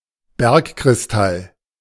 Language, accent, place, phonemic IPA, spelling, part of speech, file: German, Germany, Berlin, /ˈbɛʁkkʁɪsˌtal/, Bergkristall, noun, De-Bergkristall.ogg
- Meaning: rock crystal